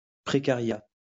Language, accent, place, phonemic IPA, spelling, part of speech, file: French, France, Lyon, /pʁe.ka.ʁja/, précariat, noun, LL-Q150 (fra)-précariat.wav
- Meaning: precariat